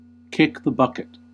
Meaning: 1. To die 2. To break down such that it cannot be repaired
- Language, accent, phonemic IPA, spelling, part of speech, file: English, US, /ˈkɪk ðə ˈbʌkɪt/, kick the bucket, verb, En-us-kick the bucket.ogg